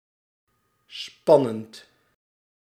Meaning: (adjective) 1. tensive 2. exciting 3. stressful, daunting, challenging; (verb) present participle of spannen
- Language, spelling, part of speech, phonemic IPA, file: Dutch, spannend, adjective / verb, /ˈspɑnənt/, Nl-spannend.ogg